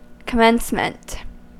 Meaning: 1. The first existence of anything; act or fact of commencing; the beginning 2. The day when degrees are conferred by colleges and universities upon students and others
- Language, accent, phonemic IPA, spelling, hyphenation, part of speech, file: English, US, /kəˈmɛnsmənt/, commencement, com‧mence‧ment, noun, En-us-commencement.ogg